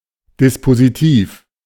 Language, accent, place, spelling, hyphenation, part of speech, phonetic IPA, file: German, Germany, Berlin, Dispositiv, Dis‧po‧si‧tiv, noun, [dɪspoziˈtiːf], De-Dispositiv.ogg
- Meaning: 1. arrangement, measures, plans 2. operative part of a court order